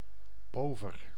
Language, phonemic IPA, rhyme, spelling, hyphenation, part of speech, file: Dutch, /ˈpoː.vər/, -oːvər, pover, po‧ver, adjective, Nl-pover.ogg
- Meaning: 1. poor, needy 2. meagre, unimpressive